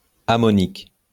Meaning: ammoniacal
- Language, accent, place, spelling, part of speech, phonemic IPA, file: French, France, Lyon, ammonique, adjective, /a.mɔ.nik/, LL-Q150 (fra)-ammonique.wav